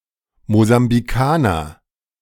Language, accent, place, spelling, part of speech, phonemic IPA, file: German, Germany, Berlin, Mosambikaner, noun, /mozambiˈkaːnɐ/, De-Mosambikaner.ogg
- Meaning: Mozambican (person from Mozambique or of Mozambican descent)